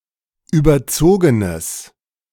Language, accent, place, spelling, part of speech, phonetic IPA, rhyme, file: German, Germany, Berlin, überzogenes, adjective, [ˌyːbɐˈt͡soːɡənəs], -oːɡənəs, De-überzogenes.ogg
- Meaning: strong/mixed nominative/accusative neuter singular of überzogen